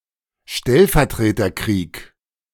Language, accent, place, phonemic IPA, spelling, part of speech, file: German, Germany, Berlin, /ˈʃtɛlfɛɐ̯tʁeːtɐkʁiːk/, Stellvertreterkrieg, noun, De-Stellvertreterkrieg.ogg
- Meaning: proxy war (a war where two powers use third parties as a supplement to, or a substitute for, fighting each other directly)